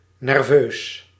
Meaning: nervous, anxious, jumpy
- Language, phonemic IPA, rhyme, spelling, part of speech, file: Dutch, /nɛrˈvøːs/, -øːs, nerveus, adjective, Nl-nerveus.ogg